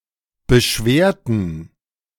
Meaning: inflection of beschweren: 1. first/third-person plural preterite 2. first/third-person plural subjunctive II
- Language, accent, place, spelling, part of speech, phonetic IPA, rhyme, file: German, Germany, Berlin, beschwerten, adjective / verb, [bəˈʃveːɐ̯tn̩], -eːɐ̯tn̩, De-beschwerten.ogg